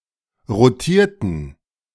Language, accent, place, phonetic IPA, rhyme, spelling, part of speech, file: German, Germany, Berlin, [ʁoˈtiːɐ̯tn̩], -iːɐ̯tn̩, rotierten, adjective / verb, De-rotierten.ogg
- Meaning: inflection of rotieren: 1. first/third-person plural preterite 2. first/third-person plural subjunctive II